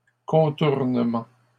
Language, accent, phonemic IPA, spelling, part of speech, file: French, Canada, /kɔ̃.tuʁ.nə.mɑ̃/, contournements, noun, LL-Q150 (fra)-contournements.wav
- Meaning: plural of contournement